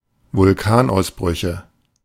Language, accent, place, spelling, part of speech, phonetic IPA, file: German, Germany, Berlin, Vulkanausbrüche, noun, [vʊlˈkaːnʔaʊ̯sˌbʁʏçə], De-Vulkanausbrüche.ogg
- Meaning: nominative/accusative/genitive plural of Vulkanausbruch